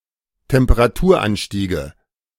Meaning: nominative/accusative/genitive plural of Temperaturanstieg
- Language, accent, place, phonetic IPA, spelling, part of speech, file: German, Germany, Berlin, [tɛmpəʁaˈtuːɐ̯ˌʔanʃtiːɡə], Temperaturanstiege, noun, De-Temperaturanstiege.ogg